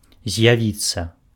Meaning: to appear
- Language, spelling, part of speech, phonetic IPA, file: Belarusian, з'явіцца, verb, [zʲjaˈvʲit͡sːa], Be-з’явіцца.ogg